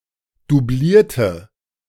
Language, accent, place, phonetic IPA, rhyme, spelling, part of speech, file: German, Germany, Berlin, [duˈbliːɐ̯tə], -iːɐ̯tə, doublierte, adjective / verb, De-doublierte.ogg
- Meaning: inflection of doublieren: 1. first/third-person singular preterite 2. first/third-person singular subjunctive II